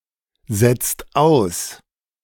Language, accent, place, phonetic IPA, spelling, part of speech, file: German, Germany, Berlin, [ˌzɛt͡st ˈaʊ̯s], setzt aus, verb, De-setzt aus.ogg
- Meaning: inflection of aussetzen: 1. second/third-person singular present 2. second-person plural present 3. plural imperative